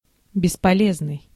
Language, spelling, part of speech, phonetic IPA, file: Russian, бесполезный, adjective, [bʲɪspɐˈlʲeznɨj], Ru-бесполезный.ogg
- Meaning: useless, unavailing, vain